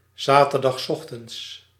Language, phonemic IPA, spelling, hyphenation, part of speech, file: Dutch, /ˌzaː.tər.dɑxsˈɔx.tənts/, zaterdagsochtends, za‧ter‧dags‧och‧tends, adverb, Nl-zaterdagsochtends.ogg
- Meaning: Saturday morning